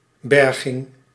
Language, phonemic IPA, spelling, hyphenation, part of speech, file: Dutch, /ˈbɛr.ɣɪŋ/, berging, ber‧ging, noun, Nl-berging.ogg
- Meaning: 1. rescue, salvage (act of recovering or bringing to safety) 2. storage room, storeroom